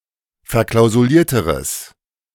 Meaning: strong/mixed nominative/accusative neuter singular comparative degree of verklausuliert
- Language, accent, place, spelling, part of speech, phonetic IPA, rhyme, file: German, Germany, Berlin, verklausulierteres, adjective, [fɛɐ̯ˌklaʊ̯zuˈliːɐ̯təʁəs], -iːɐ̯təʁəs, De-verklausulierteres.ogg